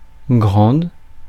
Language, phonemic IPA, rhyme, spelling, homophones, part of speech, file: French, /ɡʁɑ̃d/, -ɑ̃d, grande, grandes, adjective, Fr-grande.ogg
- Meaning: feminine singular of grand